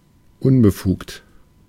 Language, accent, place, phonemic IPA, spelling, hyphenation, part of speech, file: German, Germany, Berlin, /ˈʊnbəˌfuːkt/, unbefugt, un‧be‧fugt, adjective, De-unbefugt.ogg
- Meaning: unauthorised